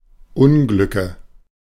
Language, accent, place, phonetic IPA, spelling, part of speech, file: German, Germany, Berlin, [ˈʊnˌɡlʏkə], Unglücke, noun, De-Unglücke.ogg
- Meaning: nominative/accusative/genitive plural of Unglück